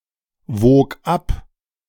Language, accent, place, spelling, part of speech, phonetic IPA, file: German, Germany, Berlin, wog ab, verb, [ˌvoːk ˈap], De-wog ab.ogg
- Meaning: first/third-person singular preterite of abwiegen